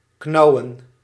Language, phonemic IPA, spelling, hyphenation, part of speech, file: Dutch, /ˈknɑu̯.ə(n)/, knauwen, knau‧wen, verb, Nl-knauwen.ogg
- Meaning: to gnaw